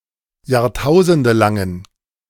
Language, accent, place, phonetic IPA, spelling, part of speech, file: German, Germany, Berlin, [jaːʁˈtaʊ̯zəndəlaŋən], jahrtausendelangen, adjective, De-jahrtausendelangen.ogg
- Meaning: inflection of jahrtausendelang: 1. strong genitive masculine/neuter singular 2. weak/mixed genitive/dative all-gender singular 3. strong/weak/mixed accusative masculine singular